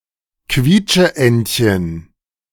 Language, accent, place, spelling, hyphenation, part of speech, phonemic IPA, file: German, Germany, Berlin, Quietscheentchen, Quiet‧sche‧ent‧chen, noun, /ˈkviːt͡ʃəˌʔɛntçən/, De-Quietscheentchen.ogg
- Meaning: rubber duck (with a squeaker)